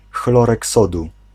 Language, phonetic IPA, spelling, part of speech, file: Polish, [ˈxlɔrɛk ˈsɔdu], chlorek sodu, noun, Pl-chlorek sodu.ogg